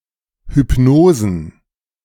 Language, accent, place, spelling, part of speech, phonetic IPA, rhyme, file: German, Germany, Berlin, Hypnosen, noun, [hʏpˈnoːzn̩], -oːzn̩, De-Hypnosen.ogg
- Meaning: plural of Hypnose